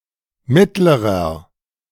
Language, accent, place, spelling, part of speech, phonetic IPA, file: German, Germany, Berlin, mittlerer, adjective, [ˈmɪtləʁɐ], De-mittlerer.ogg
- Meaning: inflection of mittel: 1. strong/mixed nominative masculine singular comparative degree 2. strong genitive/dative feminine singular comparative degree 3. strong genitive plural comparative degree